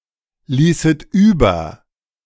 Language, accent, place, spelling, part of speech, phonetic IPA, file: German, Germany, Berlin, ließet über, verb, [ˌliːsət ˈyːbɐ], De-ließet über.ogg
- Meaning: second-person plural subjunctive II of überlassen